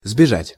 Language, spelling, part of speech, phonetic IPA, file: Russian, сбежать, verb, [zbʲɪˈʐatʲ], Ru-сбежать.ogg
- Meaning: 1. to run down (from) 2. to run away, to make off, to flee, to break out 3. to escape 4. to elope